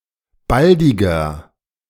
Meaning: 1. comparative degree of baldig 2. inflection of baldig: strong/mixed nominative masculine singular 3. inflection of baldig: strong genitive/dative feminine singular
- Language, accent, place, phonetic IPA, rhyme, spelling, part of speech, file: German, Germany, Berlin, [ˈbaldɪɡɐ], -aldɪɡɐ, baldiger, adjective, De-baldiger.ogg